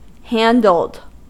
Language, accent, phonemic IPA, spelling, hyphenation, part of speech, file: English, US, /ˈhændl̩d/, handled, han‧dled, verb / adjective, En-us-handled.ogg
- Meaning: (verb) simple past and past participle of handle; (adjective) Having a handle or handles, often of a specified number or kind